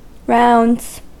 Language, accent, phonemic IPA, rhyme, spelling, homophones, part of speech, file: English, US, /ˈɹaʊndz/, -aʊndz, rounds, Rounds, noun / verb, En-us-rounds.ogg
- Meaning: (noun) 1. plural of round 2. The practice of medical doctors visiting patients in a hospital or in their homes according to a predetermined order 3. A route taken by someone in authority